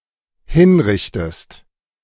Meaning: inflection of hinrichten: 1. second-person singular dependent present 2. second-person singular dependent subjunctive I
- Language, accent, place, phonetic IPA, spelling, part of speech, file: German, Germany, Berlin, [ˈhɪnˌʁɪçtəst], hinrichtest, verb, De-hinrichtest.ogg